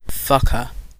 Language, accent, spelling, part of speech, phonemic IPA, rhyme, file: English, UK, fucker, noun, /ˈfʌk.ə(ɹ)/, -ʌkə(ɹ), En-uk-fucker.ogg
- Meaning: 1. An undesirable person 2. A person 3. The object of some effort 4. One who fucks